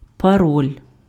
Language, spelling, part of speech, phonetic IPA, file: Ukrainian, пароль, noun, [pɐˈrɔlʲ], Uk-пароль.ogg
- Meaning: password